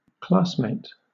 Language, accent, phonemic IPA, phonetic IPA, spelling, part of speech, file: English, Southern England, /ˈklɑːs.meɪt/, [ˈklasmɛjt], classmate, noun, LL-Q1860 (eng)-classmate.wav
- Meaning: 1. A student who is in the same class at school 2. A member of a different sort of class, such as locomotives etc